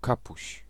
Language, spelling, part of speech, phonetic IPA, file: Polish, kapuś, noun, [ˈkapuɕ], Pl-kapuś.ogg